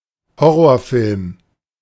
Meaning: horror film
- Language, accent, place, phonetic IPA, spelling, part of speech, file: German, Germany, Berlin, [ˈhɔʁoːɐ̯ˌfɪlm], Horrorfilm, noun, De-Horrorfilm.ogg